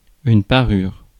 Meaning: 1. parure (set of jewellery) 2. finery 3. adornment
- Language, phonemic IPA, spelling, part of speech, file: French, /pa.ʁyʁ/, parure, noun, Fr-parure.ogg